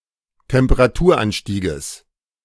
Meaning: genitive singular of Temperaturanstieg
- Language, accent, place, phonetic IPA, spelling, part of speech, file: German, Germany, Berlin, [tɛmpəʁaˈtuːɐ̯ˌʔanʃtiːɡəs], Temperaturanstieges, noun, De-Temperaturanstieges.ogg